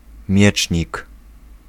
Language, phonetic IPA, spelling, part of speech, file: Polish, [ˈmʲjɛt͡ʃʲɲik], miecznik, noun, Pl-miecznik.ogg